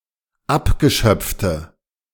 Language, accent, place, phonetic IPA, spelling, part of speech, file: German, Germany, Berlin, [ˈapɡəˌʃœp͡ftə], abgeschöpfte, adjective, De-abgeschöpfte.ogg
- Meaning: inflection of abgeschöpft: 1. strong/mixed nominative/accusative feminine singular 2. strong nominative/accusative plural 3. weak nominative all-gender singular